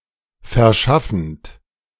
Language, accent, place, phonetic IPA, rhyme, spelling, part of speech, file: German, Germany, Berlin, [fɛɐ̯ˈʃafn̩t], -afn̩t, verschaffend, verb, De-verschaffend.ogg
- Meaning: present participle of verschaffen